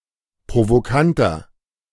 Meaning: 1. comparative degree of provokant 2. inflection of provokant: strong/mixed nominative masculine singular 3. inflection of provokant: strong genitive/dative feminine singular
- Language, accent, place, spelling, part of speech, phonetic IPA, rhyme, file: German, Germany, Berlin, provokanter, adjective, [pʁovoˈkantɐ], -antɐ, De-provokanter.ogg